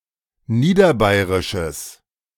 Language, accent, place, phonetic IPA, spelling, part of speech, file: German, Germany, Berlin, [ˈniːdɐˌbaɪ̯ʁɪʃəs], niederbayerisches, adjective, De-niederbayerisches.ogg
- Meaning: strong/mixed nominative/accusative neuter singular of niederbayerisch